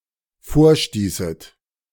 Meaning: second-person plural dependent subjunctive II of vorstoßen
- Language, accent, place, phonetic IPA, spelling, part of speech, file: German, Germany, Berlin, [ˈfoːɐ̯ˌʃtiːsət], vorstießet, verb, De-vorstießet.ogg